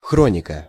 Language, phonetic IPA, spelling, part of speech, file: Russian, [ˈxronʲɪkə], хроника, noun, Ru-хроника.ogg
- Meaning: 1. chronicle 2. chronicle, news items, current events, newsreel